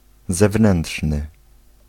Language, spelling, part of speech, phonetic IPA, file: Polish, zewnętrzny, adjective, [zɛˈvnɛ̃nṭʃnɨ], Pl-zewnętrzny.ogg